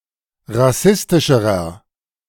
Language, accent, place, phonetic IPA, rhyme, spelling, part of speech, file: German, Germany, Berlin, [ʁaˈsɪstɪʃəʁɐ], -ɪstɪʃəʁɐ, rassistischerer, adjective, De-rassistischerer.ogg
- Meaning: inflection of rassistisch: 1. strong/mixed nominative masculine singular comparative degree 2. strong genitive/dative feminine singular comparative degree 3. strong genitive plural comparative degree